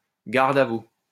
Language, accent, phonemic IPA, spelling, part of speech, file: French, France, /ɡaʁ.d‿a vu/, garde à vous, interjection, LL-Q150 (fra)-garde à vous.wav
- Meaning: stand at attention!